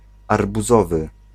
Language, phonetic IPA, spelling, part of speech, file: Polish, [ˌarbuˈzɔvɨ], arbuzowy, adjective, Pl-arbuzowy.ogg